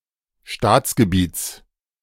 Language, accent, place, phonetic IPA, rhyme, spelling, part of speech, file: German, Germany, Berlin, [ˈʃtaːt͡sɡəˌbiːt͡s], -aːt͡sɡəbiːt͡s, Staatsgebiets, noun, De-Staatsgebiets.ogg
- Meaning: genitive singular of Staatsgebiet